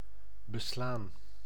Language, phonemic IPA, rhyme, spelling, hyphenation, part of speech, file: Dutch, /bəˈslaːn/, -aːn, beslaan, be‧slaan, verb, Nl-beslaan.ogg
- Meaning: 1. to cover, occupy 2. to surround, envelop 3. to fog up 4. to shoe (a horse with horseshoes)